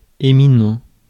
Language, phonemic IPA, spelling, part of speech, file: French, /e.mi.nɑ̃/, éminent, adjective, Fr-éminent.ogg
- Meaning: eminent; distinguished; noteworthy